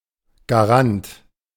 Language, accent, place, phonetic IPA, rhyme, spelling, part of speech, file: German, Germany, Berlin, [ɡaˈʁant], -ant, Garant, noun, De-Garant.ogg
- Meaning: guarantor